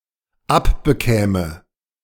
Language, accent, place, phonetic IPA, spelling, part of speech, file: German, Germany, Berlin, [ˈapbəˌkɛːmə], abbekäme, verb, De-abbekäme.ogg
- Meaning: first/third-person singular dependent subjunctive II of abbekommen